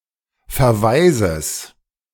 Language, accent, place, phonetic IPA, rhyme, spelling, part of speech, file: German, Germany, Berlin, [fɛɐ̯ˈvaɪ̯zəs], -aɪ̯zəs, Verweises, noun, De-Verweises.ogg
- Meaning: genitive of Verweis